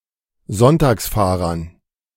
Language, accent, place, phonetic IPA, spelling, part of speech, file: German, Germany, Berlin, [ˈzɔntaːksˌfaːʁɐn], Sonntagsfahrern, noun, De-Sonntagsfahrern.ogg
- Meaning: dative plural of Sonntagsfahrer